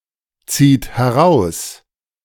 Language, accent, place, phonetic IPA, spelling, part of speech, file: German, Germany, Berlin, [ˌt͡siːt hɛˈʁaʊ̯s], zieht heraus, verb, De-zieht heraus.ogg
- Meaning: inflection of herausziehen: 1. third-person singular present 2. second-person plural present 3. plural imperative